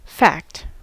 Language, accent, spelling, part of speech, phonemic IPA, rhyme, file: English, US, fact, noun / interjection, /fækt/, -ækt, En-us-fact.ogg
- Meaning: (noun) 1. Something actual as opposed to invented 2. Something which is real 3. Something concrete used as a basis for further interpretation